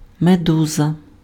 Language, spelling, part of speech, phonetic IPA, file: Ukrainian, медуза, noun, [meˈduzɐ], Uk-медуза.ogg
- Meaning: medusa, jellyfish